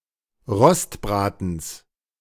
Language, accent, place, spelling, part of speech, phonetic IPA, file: German, Germany, Berlin, Rostbratens, noun, [ˈʁɔstˌbʁaːtn̩s], De-Rostbratens.ogg
- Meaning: plural of Rostbraten